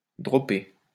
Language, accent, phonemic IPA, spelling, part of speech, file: French, France, /dʁɔ.pe/, droper, verb, LL-Q150 (fra)-droper.wav
- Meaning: 1. to drop (a golf ball in a position other than it has landed) 2. to drop (to forget, cease talking about)